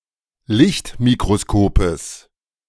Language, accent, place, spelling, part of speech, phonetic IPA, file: German, Germany, Berlin, Lichtmikroskopes, noun, [ˈlɪçtmikʁoˌskoːpəs], De-Lichtmikroskopes.ogg
- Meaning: genitive singular of Lichtmikroskop